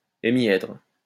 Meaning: hemihedron
- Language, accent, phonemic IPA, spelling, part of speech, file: French, France, /e.mjɛdʁ/, hémièdre, noun, LL-Q150 (fra)-hémièdre.wav